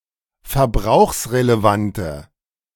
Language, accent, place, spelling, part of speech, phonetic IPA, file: German, Germany, Berlin, verbrauchsrelevante, adjective, [fɛɐ̯ˈbʁaʊ̯xsʁeleˌvantə], De-verbrauchsrelevante.ogg
- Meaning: inflection of verbrauchsrelevant: 1. strong/mixed nominative/accusative feminine singular 2. strong nominative/accusative plural 3. weak nominative all-gender singular